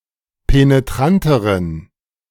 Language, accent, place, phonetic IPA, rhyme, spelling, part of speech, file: German, Germany, Berlin, [peneˈtʁantəʁən], -antəʁən, penetranteren, adjective, De-penetranteren.ogg
- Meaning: inflection of penetrant: 1. strong genitive masculine/neuter singular comparative degree 2. weak/mixed genitive/dative all-gender singular comparative degree